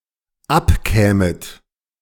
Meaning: second-person plural dependent subjunctive II of abkommen
- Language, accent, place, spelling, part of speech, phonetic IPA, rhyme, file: German, Germany, Berlin, abkämet, verb, [ˈapˌkɛːmət], -apkɛːmət, De-abkämet.ogg